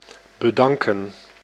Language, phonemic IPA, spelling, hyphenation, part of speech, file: Dutch, /bəˈdɑŋkə(n)/, bedanken, be‧dan‧ken, verb, Nl-bedanken.ogg
- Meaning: 1. to thank 2. to decline, to reject [with voor] (with connotations of politeness)